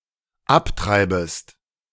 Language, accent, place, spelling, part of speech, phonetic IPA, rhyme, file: German, Germany, Berlin, abtreibest, verb, [ˈapˌtʁaɪ̯bəst], -aptʁaɪ̯bəst, De-abtreibest.ogg
- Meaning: second-person singular dependent subjunctive I of abtreiben